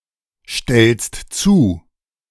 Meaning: second-person singular present of zustellen
- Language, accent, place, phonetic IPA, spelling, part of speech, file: German, Germany, Berlin, [ˌʃtɛlst ˈt͡suː], stellst zu, verb, De-stellst zu.ogg